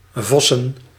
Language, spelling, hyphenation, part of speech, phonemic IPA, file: Dutch, vossen, vos‧sen, verb / noun, /ˈvɔ.sə(n)/, Nl-vossen.ogg
- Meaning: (verb) 1. to fuck 2. to study intensely; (noun) plural of vos